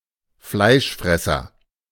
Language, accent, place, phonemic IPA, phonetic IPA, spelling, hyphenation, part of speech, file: German, Germany, Berlin, /ˈflaɪ̯ʃˌfrɛsər/, [ˈflaɪ̯ʃˌfʁɛ.sɐ], Fleischfresser, Fleisch‧fres‧ser, noun, De-Fleischfresser.ogg
- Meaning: 1. carnivore (meat-eating animal) 2. synonym of Fleischesser (“meateater, person who eats meat”) 3. Capernaite (one who believes that the Eucharist is truly the Body of Christ)